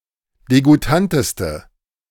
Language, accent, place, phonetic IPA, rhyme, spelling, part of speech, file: German, Germany, Berlin, [deɡuˈtantəstə], -antəstə, degoutanteste, adjective, De-degoutanteste.ogg
- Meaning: inflection of degoutant: 1. strong/mixed nominative/accusative feminine singular superlative degree 2. strong nominative/accusative plural superlative degree